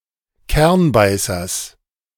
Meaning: genitive of Kernbeißer
- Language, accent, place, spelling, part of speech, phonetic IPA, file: German, Germany, Berlin, Kernbeißers, noun, [ˈkɛʁnˌbaɪ̯sɐs], De-Kernbeißers.ogg